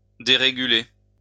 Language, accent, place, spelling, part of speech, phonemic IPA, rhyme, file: French, France, Lyon, déréguler, verb, /de.ʁe.ɡy.le/, -e, LL-Q150 (fra)-déréguler.wav
- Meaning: to deregulate